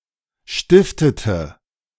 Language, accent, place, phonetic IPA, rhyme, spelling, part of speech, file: German, Germany, Berlin, [ˈʃtɪftətə], -ɪftətə, stiftete, verb, De-stiftete.ogg
- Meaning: inflection of stiften: 1. first/third-person singular preterite 2. first/third-person singular subjunctive II